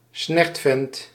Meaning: a tosser, an objectionable male
- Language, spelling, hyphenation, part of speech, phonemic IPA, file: Dutch, snertvent, snert‧vent, noun, /ˈsnɛrt.fɛnt/, Nl-snertvent.ogg